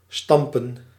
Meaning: 1. to stamp, to press 2. to stomp with the feet 3. to pitch 4. to cram (study hard)
- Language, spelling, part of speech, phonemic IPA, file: Dutch, stampen, verb / noun, /ˈstɑmpə(n)/, Nl-stampen.ogg